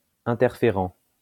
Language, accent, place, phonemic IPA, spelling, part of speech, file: French, France, Lyon, /ɛ̃.tɛʁ.fe.ʁɑ̃/, interférent, adjective, LL-Q150 (fra)-interférent.wav
- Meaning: interfering